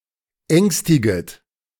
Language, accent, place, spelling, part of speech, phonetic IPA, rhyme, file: German, Germany, Berlin, ängstiget, verb, [ˈɛŋstɪɡət], -ɛŋstɪɡət, De-ängstiget.ogg
- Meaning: second-person plural subjunctive I of ängstigen